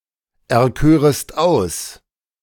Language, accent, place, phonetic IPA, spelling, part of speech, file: German, Germany, Berlin, [ɛɐ̯ˌkøːʁəst ˈaʊ̯s], erkörest aus, verb, De-erkörest aus.ogg
- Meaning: second-person singular subjunctive II of auserkiesen